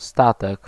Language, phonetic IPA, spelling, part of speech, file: Polish, [ˈstatɛk], statek, noun, Pl-statek.ogg